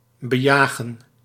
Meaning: to hunt after, to hunt on
- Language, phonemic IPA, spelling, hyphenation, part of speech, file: Dutch, /bəˈjaːɣə(n)/, bejagen, be‧ja‧gen, verb, Nl-bejagen.ogg